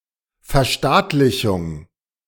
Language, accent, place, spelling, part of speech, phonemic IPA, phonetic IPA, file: German, Germany, Berlin, Verstaatlichung, noun, /fɛʁˈʃtaːtlɪçʊŋ/, [fɛɐ̯ˈʃtaːtlɪçʊŋ], De-Verstaatlichung.ogg
- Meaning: nationalization, socialization